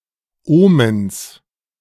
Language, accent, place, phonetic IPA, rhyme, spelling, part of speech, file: German, Germany, Berlin, [ˈoːməns], -oːməns, Omens, noun, De-Omens.ogg
- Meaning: genitive singular of Omen